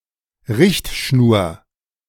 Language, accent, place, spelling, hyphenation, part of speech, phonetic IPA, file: German, Germany, Berlin, Richtschnur, Richt‧schnur, noun, [ˈʁɪçtˌʃnuːɐ̯], De-Richtschnur.ogg
- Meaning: guideline